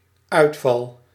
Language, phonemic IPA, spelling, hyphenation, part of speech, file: Dutch, /ˈœytfɑl/, uitval, uit‧val, noun / verb, Nl-uitval.ogg
- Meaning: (noun) 1. loss, (the act of) falling out 2. dropout 3. malfunction, disruption 4. sudden rage of anger, outburst; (verb) first-person singular dependent-clause present indicative of uitvallen